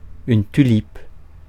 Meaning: tulip
- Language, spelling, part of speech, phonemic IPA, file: French, tulipe, noun, /ty.lip/, Fr-tulipe.ogg